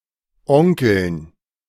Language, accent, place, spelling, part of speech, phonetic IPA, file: German, Germany, Berlin, Onkeln, noun, [ˈɔŋkl̩n], De-Onkeln.ogg
- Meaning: dative plural of Onkel